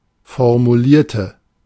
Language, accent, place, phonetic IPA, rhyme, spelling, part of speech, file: German, Germany, Berlin, [fɔʁmuˈliːɐ̯tə], -iːɐ̯tə, formulierte, adjective / verb, De-formulierte.ogg
- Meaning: inflection of formulieren: 1. first/third-person singular preterite 2. first/third-person singular subjunctive II